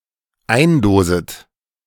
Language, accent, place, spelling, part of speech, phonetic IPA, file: German, Germany, Berlin, eindoset, verb, [ˈaɪ̯nˌdoːzət], De-eindoset.ogg
- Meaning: second-person plural dependent subjunctive I of eindosen